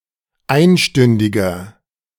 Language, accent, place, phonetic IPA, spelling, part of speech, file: German, Germany, Berlin, [ˈaɪ̯nˌʃtʏndɪɡɐ], einstündiger, adjective, De-einstündiger.ogg
- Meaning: inflection of einstündig: 1. strong/mixed nominative masculine singular 2. strong genitive/dative feminine singular 3. strong genitive plural